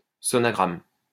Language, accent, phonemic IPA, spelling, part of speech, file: French, France, /sɔ.na.ɡʁam/, sonagramme, noun, LL-Q150 (fra)-sonagramme.wav
- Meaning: sonogram